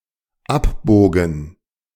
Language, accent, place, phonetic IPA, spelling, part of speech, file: German, Germany, Berlin, [ˈapˌboːɡn̩], abbogen, verb, De-abbogen.ogg
- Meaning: first/third-person plural dependent preterite of abbiegen